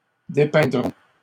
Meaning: third-person plural simple future of dépeindre
- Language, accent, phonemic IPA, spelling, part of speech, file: French, Canada, /de.pɛ̃.dʁɔ̃/, dépeindront, verb, LL-Q150 (fra)-dépeindront.wav